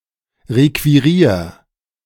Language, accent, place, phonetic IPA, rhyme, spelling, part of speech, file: German, Germany, Berlin, [ˌʁekviˈʁiːɐ̯], -iːɐ̯, requirier, verb, De-requirier.ogg
- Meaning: 1. singular imperative of requirieren 2. first-person singular present of requirieren